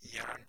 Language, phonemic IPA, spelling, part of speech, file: Norwegian Bokmål, /jæːɳ/, jern, noun, No-jern.ogg
- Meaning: iron